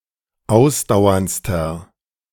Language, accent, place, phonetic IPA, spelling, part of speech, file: German, Germany, Berlin, [ˈaʊ̯sdaʊ̯ɐnt͡stɐ], ausdauerndster, adjective, De-ausdauerndster.ogg
- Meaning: inflection of ausdauernd: 1. strong/mixed nominative masculine singular superlative degree 2. strong genitive/dative feminine singular superlative degree 3. strong genitive plural superlative degree